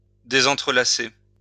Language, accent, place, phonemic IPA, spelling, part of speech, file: French, France, Lyon, /de.zɑ̃.tʁə.la.se/, désentrelacer, verb, LL-Q150 (fra)-désentrelacer.wav
- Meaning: to deinterlace